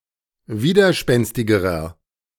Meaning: inflection of widerspenstig: 1. strong/mixed nominative masculine singular comparative degree 2. strong genitive/dative feminine singular comparative degree
- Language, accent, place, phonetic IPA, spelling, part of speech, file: German, Germany, Berlin, [ˈviːdɐˌʃpɛnstɪɡəʁɐ], widerspenstigerer, adjective, De-widerspenstigerer.ogg